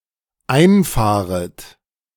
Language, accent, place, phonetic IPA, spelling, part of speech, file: German, Germany, Berlin, [ˈaɪ̯nˌfaːʁət], einfahret, verb, De-einfahret.ogg
- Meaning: second-person plural dependent subjunctive I of einfahren